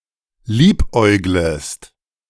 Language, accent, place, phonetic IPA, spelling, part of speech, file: German, Germany, Berlin, [ˈliːpˌʔɔɪ̯ɡləst], liebäuglest, verb, De-liebäuglest.ogg
- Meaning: second-person singular subjunctive I of liebäugeln